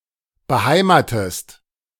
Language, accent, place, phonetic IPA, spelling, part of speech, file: German, Germany, Berlin, [bəˈhaɪ̯maːtəst], beheimatest, verb, De-beheimatest.ogg
- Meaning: inflection of beheimaten: 1. second-person singular present 2. second-person singular subjunctive I